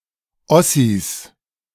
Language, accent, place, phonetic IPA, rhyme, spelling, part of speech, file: German, Germany, Berlin, [ˈɔsis], -ɔsis, Ossis, noun, De-Ossis.ogg
- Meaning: 1. genitive singular of Ossi m 2. plural of Ossi